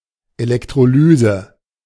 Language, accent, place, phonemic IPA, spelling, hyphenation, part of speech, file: German, Germany, Berlin, /elɛktʁoˈlyːzə/, Elektrolyse, Elek‧tro‧ly‧se, noun, De-Elektrolyse.ogg
- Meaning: electrolysis